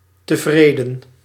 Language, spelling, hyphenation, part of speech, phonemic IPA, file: Dutch, tevreden, te‧vre‧den, adjective, /təˈvreː.də(n)/, Nl-tevreden.ogg
- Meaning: content, satisfied